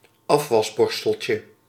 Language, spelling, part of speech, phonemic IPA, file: Dutch, afwasborsteltje, noun, /ˈɑfwɑzbɔrstəlcə/, Nl-afwasborsteltje.ogg
- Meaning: diminutive of afwasborstel